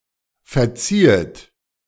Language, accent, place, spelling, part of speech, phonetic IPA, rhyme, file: German, Germany, Berlin, verziehet, verb, [fɛɐ̯ˈt͡siːət], -iːət, De-verziehet.ogg
- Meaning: 1. second-person plural subjunctive II of verzeihen 2. second-person plural subjunctive I of verziehen